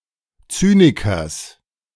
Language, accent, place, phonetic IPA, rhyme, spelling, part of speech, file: German, Germany, Berlin, [ˈt͡syːnɪkɐs], -yːnɪkɐs, Zynikers, noun, De-Zynikers.ogg
- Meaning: genitive singular of Zyniker